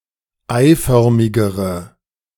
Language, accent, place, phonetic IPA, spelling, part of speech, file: German, Germany, Berlin, [ˈaɪ̯ˌfœʁmɪɡəʁə], eiförmigere, adjective, De-eiförmigere.ogg
- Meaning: inflection of eiförmig: 1. strong/mixed nominative/accusative feminine singular comparative degree 2. strong nominative/accusative plural comparative degree